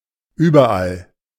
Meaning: 1. everywhere 2. anywhere (in whatever place) 3. forms prepositional adverbs of alles (“everything”)
- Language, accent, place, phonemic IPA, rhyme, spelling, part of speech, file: German, Germany, Berlin, /ˌʏbɐˈʔal/, -al, überall, adverb, De-überall.ogg